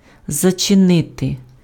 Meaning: to close, to shut, to lock (:a door, a window)
- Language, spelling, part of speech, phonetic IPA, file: Ukrainian, зачинити, verb, [zɐt͡ʃeˈnɪte], Uk-зачинити.ogg